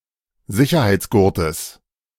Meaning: genitive singular of Sicherheitsgurt
- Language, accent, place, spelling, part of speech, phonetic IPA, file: German, Germany, Berlin, Sicherheitsgurtes, noun, [ˈzɪçɐhaɪ̯t͡sˌɡʊʁtəs], De-Sicherheitsgurtes.ogg